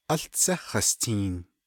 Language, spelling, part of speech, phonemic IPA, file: Navajo, Áłtsé Hastiin, proper noun, /ʔɑ́ɬt͡sʰɛ́ hɑ̀stʰìːn/, Nv-Áłtsé Hastiin.ogg
- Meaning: First Man